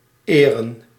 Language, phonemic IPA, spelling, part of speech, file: Dutch, /eːrə(n)/, -eren, suffix, Nl--eren.ogg
- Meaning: part of the infinitive of verbs borrowed mainly from French and Latin, e.g. informeren from French informer (“to inform”)